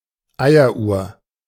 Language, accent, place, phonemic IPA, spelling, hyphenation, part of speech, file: German, Germany, Berlin, /ˈaɪ̯ɐˌʔuːɐ̯/, Eieruhr, Ei‧er‧uhr, noun, De-Eieruhr.ogg
- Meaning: egg timer